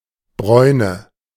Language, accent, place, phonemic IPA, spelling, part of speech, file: German, Germany, Berlin, /ˈbʁɔʏ̯nə/, Bräune, noun, De-Bräune.ogg
- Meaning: 1. brownness, the quality of being brown 2. tan 3. quinsy, croup